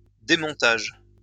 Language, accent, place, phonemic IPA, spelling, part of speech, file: French, France, Lyon, /de.mɔ̃.taʒ/, démontage, noun, LL-Q150 (fra)-démontage.wav
- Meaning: taking down; removal